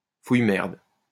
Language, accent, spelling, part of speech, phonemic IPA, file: French, France, fouille-merde, noun, /fuj.mɛʁd/, LL-Q150 (fra)-fouille-merde.wav
- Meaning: muckraker (a scandal-mongering person who is not driven by any social principle)